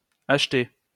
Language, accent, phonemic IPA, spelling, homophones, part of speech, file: French, France, /aʃ.te/, HT, acheter, adverb, LL-Q150 (fra)-HT.wav
- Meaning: initialism of hors taxe; without tax (specifically VAT)